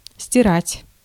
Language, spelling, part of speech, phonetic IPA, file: Russian, стирать, verb, [sʲtʲɪˈratʲ], Ru-стирать.ogg
- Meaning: 1. to erase something from a surface 2. to clean, to wash cloth or clothes